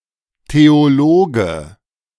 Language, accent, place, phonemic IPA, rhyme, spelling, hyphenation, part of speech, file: German, Germany, Berlin, /teoˈloːɡə/, -oːɡə, Theologe, Theo‧lo‧ge, noun, De-Theologe.ogg
- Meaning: theologian (male or of unspecified gender)